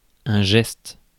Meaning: 1. gesture 2. move, motion 3. saga, especially a cycle of poems in the epic, literary style of the Middle Ages
- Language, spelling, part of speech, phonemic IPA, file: French, geste, noun, /ʒɛst/, Fr-geste.ogg